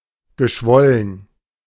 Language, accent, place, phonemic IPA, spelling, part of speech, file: German, Germany, Berlin, /ɡəˈʃvɔlən/, geschwollen, verb / adjective, De-geschwollen.ogg
- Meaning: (verb) past participle of schwellen; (adjective) 1. swollen, puffy, turgid 2. sententious, orotund, bombastic, pompous